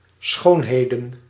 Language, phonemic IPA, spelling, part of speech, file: Dutch, /ˈsxoːnˌheːdə(n)/, schoonheden, noun, Nl-schoonheden.ogg
- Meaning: plural of schoonheid